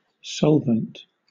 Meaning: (noun) 1. A fluid that dissolves a solid, liquid, or gaseous solute, resulting in a solution 2. That which resolves
- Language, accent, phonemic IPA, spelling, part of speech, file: English, Southern England, /ˈsɒlvənt/, solvent, noun / adjective, LL-Q1860 (eng)-solvent.wav